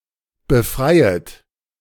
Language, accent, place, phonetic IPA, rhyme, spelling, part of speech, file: German, Germany, Berlin, [bəˈfʁaɪ̯ət], -aɪ̯ət, befreiet, verb, De-befreiet.ogg
- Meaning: second-person plural subjunctive I of befreien